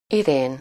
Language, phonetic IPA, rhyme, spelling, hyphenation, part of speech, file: Hungarian, [ˈireːn], -eːn, Irén, Irén, proper noun, Hu-Irén.ogg
- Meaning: a female given name, equivalent to English Irene